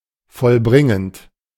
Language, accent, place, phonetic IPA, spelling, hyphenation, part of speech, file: German, Germany, Berlin, [fɔlˈbʁɪŋənt], vollbringend, voll‧brin‧gend, verb, De-vollbringend.ogg
- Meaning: present participle of vollbringen